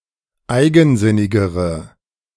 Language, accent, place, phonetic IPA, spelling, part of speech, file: German, Germany, Berlin, [ˈaɪ̯ɡn̩ˌzɪnɪɡəʁə], eigensinnigere, adjective, De-eigensinnigere.ogg
- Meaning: inflection of eigensinnig: 1. strong/mixed nominative/accusative feminine singular comparative degree 2. strong nominative/accusative plural comparative degree